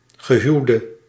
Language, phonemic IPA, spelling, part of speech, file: Dutch, /ɣəˈɦyu̯də/, gehuwde, adjective / noun / verb, Nl-gehuwde.ogg
- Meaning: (adjective) inflection of gehuwd: 1. masculine/feminine singular attributive 2. definite neuter singular attributive 3. plural attributive; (noun) a married person